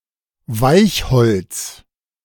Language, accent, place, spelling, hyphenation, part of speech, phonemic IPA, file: German, Germany, Berlin, Weichholz, Weich‧holz, noun, /ˈvaɪ̯çhɔlts/, De-Weichholz.ogg
- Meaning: low-density wood; mostly softwood from conifer trees, but also some low-density hardwoods (Woods with a density of less than 0.55 g/cm³; e.g. willow, poplar, lime and almost all conifers)